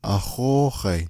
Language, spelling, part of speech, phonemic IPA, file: Navajo, ahóóhai, noun, /ʔɑ̀hóːhɑ̀ɪ̀/, Nv-ahóóhai.ogg
- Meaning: 1. rodeo 2. agricultural show (at a tribal, county, or state fair)